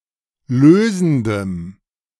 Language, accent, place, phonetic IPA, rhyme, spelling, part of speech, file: German, Germany, Berlin, [ˈløːzn̩dəm], -øːzn̩dəm, lösendem, adjective, De-lösendem.ogg
- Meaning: strong dative masculine/neuter singular of lösend